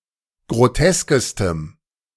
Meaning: strong dative masculine/neuter singular superlative degree of grotesk
- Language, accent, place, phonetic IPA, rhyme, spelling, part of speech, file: German, Germany, Berlin, [ɡʁoˈtɛskəstəm], -ɛskəstəm, groteskestem, adjective, De-groteskestem.ogg